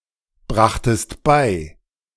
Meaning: second-person singular preterite of beibringen
- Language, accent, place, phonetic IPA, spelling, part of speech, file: German, Germany, Berlin, [ˌbʁaxtəst ˈbaɪ̯], brachtest bei, verb, De-brachtest bei.ogg